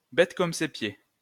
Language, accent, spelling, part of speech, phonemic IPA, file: French, France, bête comme ses pieds, adjective, /bɛt kɔm se pje/, LL-Q150 (fra)-bête comme ses pieds.wav
- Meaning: Very stupid; dumb as an ox; dumb as a doorknob